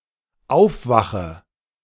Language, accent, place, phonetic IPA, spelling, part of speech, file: German, Germany, Berlin, [ˈaʊ̯fˌvaxə], aufwache, verb, De-aufwache.ogg
- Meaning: inflection of aufwachen: 1. first-person singular dependent present 2. first/third-person singular dependent subjunctive I